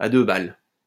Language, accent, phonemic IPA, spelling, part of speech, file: French, France, /a dø bal/, à deux balles, adjective, LL-Q150 (fra)-à deux balles.wav
- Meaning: cheap, lousy, tasteless